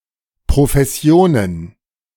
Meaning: plural of Profession
- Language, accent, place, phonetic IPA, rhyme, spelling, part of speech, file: German, Germany, Berlin, [pʁofɛˈsi̯oːnən], -oːnən, Professionen, noun, De-Professionen.ogg